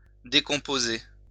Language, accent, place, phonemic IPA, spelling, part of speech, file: French, France, Lyon, /de.kɔ̃.po.ze/, décomposer, verb, LL-Q150 (fra)-décomposer.wav
- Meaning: 1. to decompose, to break down (into components) 2. to factorize 3. to decompose, decay 4. to break down (for analysis)